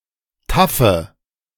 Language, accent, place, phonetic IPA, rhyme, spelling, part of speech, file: German, Germany, Berlin, [ˈtafə], -afə, taffe, adjective, De-taffe.ogg
- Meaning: inflection of taff: 1. strong/mixed nominative/accusative feminine singular 2. strong nominative/accusative plural 3. weak nominative all-gender singular 4. weak accusative feminine/neuter singular